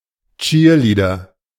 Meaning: cheerleader
- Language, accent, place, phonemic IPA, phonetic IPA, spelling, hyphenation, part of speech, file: German, Germany, Berlin, /ˈtʃiːrˌliːdər/, [ˈt͡ʃi(ː)ɐ̯ˌliː.dɐ], Cheerleader, Cheer‧lea‧der, noun, De-Cheerleader.ogg